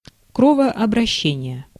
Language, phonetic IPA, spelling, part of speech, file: Russian, [krəvɐɐbrɐˈɕːenʲɪje], кровообращение, noun, Ru-кровообращение.ogg
- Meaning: blood circulation